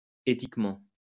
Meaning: ethically
- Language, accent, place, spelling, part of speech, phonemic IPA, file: French, France, Lyon, éthiquement, adverb, /e.tik.mɑ̃/, LL-Q150 (fra)-éthiquement.wav